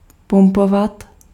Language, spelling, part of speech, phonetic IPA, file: Czech, pumpovat, verb, [ˈpumpovat], Cs-pumpovat.ogg
- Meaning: to pump